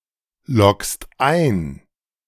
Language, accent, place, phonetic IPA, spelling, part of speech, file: German, Germany, Berlin, [ˌlɔkst ˈaɪ̯n], loggst ein, verb, De-loggst ein.ogg
- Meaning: second-person singular present of einloggen